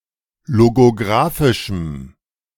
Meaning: strong dative masculine/neuter singular of logografisch
- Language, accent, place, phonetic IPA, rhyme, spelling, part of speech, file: German, Germany, Berlin, [loɡoˈɡʁaːfɪʃm̩], -aːfɪʃm̩, logografischem, adjective, De-logografischem.ogg